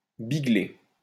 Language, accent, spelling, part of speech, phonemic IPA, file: French, France, bigler, verb, /bi.ɡle/, LL-Q150 (fra)-bigler.wav
- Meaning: 1. to squint, be cross-eyed 2. to glance (at)